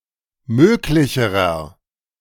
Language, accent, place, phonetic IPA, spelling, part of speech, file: German, Germany, Berlin, [ˈmøːklɪçəʁɐ], möglicherer, adjective, De-möglicherer.ogg
- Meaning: inflection of möglich: 1. strong/mixed nominative masculine singular comparative degree 2. strong genitive/dative feminine singular comparative degree 3. strong genitive plural comparative degree